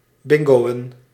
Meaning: to play bingo
- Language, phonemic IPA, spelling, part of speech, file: Dutch, /ˈbɪŋɡoːə(n)/, bingoën, verb, Nl-bingoën.ogg